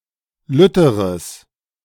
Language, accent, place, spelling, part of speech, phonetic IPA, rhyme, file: German, Germany, Berlin, lütteres, adjective, [ˈlʏtəʁəs], -ʏtəʁəs, De-lütteres.ogg
- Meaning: strong/mixed nominative/accusative neuter singular comparative degree of lütt